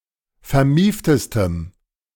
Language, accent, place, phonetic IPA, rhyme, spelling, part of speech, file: German, Germany, Berlin, [fɛɐ̯ˈmiːftəstəm], -iːftəstəm, vermieftestem, adjective, De-vermieftestem.ogg
- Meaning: strong dative masculine/neuter singular superlative degree of vermieft